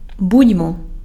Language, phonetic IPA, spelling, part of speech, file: Ukrainian, [ˈbudʲmɔ], будьмо, interjection / verb, Uk-будьмо.ogg
- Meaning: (interjection) cheers (toast); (verb) first-person plural imperative of бу́ти (búty)